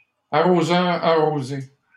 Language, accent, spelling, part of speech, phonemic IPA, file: French, Canada, arroseur arrosé, noun, /a.ʁo.zœ.ʁ‿a.ʁo.ze/, LL-Q150 (fra)-arroseur arrosé.wav
- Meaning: the biter bit; one who receives the same comeuppance they planned for others, particularly through their own actions to bring this about, or such a situation